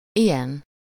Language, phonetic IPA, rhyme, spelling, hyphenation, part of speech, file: Hungarian, [ˈijɛn], -ɛn, ilyen, ilyen, determiner / pronoun, Hu-ilyen.ogg
- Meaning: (determiner) such a/an …, this kind of; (pronoun) something like this, this kind of thing, such a thing